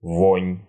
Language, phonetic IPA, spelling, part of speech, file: Russian, [vonʲ], вонь, noun, Ru-вонь.ogg
- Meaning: 1. stink, stench 2. smell, smelliness, reek 3. fetidness, fetor 4. malodor, malodorousness